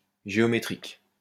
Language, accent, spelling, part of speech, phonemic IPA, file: French, France, géométrique, adjective, /ʒe.ɔ.me.tʁik/, LL-Q150 (fra)-géométrique.wav
- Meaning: geometric